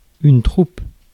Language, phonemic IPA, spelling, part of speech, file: French, /tʁup/, troupe, noun, Fr-troupe.ogg
- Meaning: troop